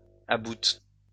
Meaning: inflection of abouter: 1. first/third-person singular present indicative/subjunctive 2. second-person singular imperative
- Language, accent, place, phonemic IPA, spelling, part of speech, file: French, France, Lyon, /a.but/, aboute, verb, LL-Q150 (fra)-aboute.wav